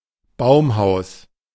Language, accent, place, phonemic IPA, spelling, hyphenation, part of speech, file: German, Germany, Berlin, /ˈbaʊ̯mˌhaʊ̯s/, Baumhaus, Baum‧haus, noun, De-Baumhaus.ogg
- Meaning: tree house